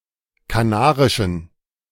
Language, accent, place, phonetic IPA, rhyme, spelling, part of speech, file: German, Germany, Berlin, [kaˈnaːʁɪʃn̩], -aːʁɪʃn̩, kanarischen, adjective, De-kanarischen.ogg
- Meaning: inflection of kanarisch: 1. strong genitive masculine/neuter singular 2. weak/mixed genitive/dative all-gender singular 3. strong/weak/mixed accusative masculine singular 4. strong dative plural